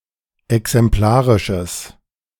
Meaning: strong/mixed nominative/accusative neuter singular of exemplarisch
- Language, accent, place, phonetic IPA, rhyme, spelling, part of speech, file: German, Germany, Berlin, [ɛksɛmˈplaːʁɪʃəs], -aːʁɪʃəs, exemplarisches, adjective, De-exemplarisches.ogg